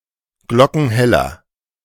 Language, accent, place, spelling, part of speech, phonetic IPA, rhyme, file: German, Germany, Berlin, glockenheller, adjective, [ˈɡlɔkn̩ˈhɛlɐ], -ɛlɐ, De-glockenheller.ogg
- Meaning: inflection of glockenhell: 1. strong/mixed nominative masculine singular 2. strong genitive/dative feminine singular 3. strong genitive plural